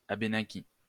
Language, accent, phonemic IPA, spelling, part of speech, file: French, France, /a.be.na.ki/, abénaquis, adjective / noun, LL-Q150 (fra)-abénaquis.wav
- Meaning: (adjective) Abenaki; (noun) Abenaki (language)